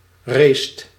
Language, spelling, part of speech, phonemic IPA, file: Dutch, racet, verb, /rest/, Nl-racet.ogg
- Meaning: inflection of racen: 1. second/third-person singular present indicative 2. plural imperative